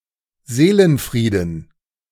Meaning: peace of mind
- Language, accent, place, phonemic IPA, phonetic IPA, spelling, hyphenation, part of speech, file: German, Germany, Berlin, /ˈzeːlənˌfʁiːdən/, [ˈzeːlənˌfʁiːdn̩], Seelenfrieden, See‧len‧frie‧den, noun, De-Seelenfrieden.ogg